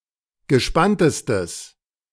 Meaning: strong/mixed nominative/accusative neuter singular superlative degree of gespannt
- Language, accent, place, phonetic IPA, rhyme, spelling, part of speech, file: German, Germany, Berlin, [ɡəˈʃpantəstəs], -antəstəs, gespanntestes, adjective, De-gespanntestes.ogg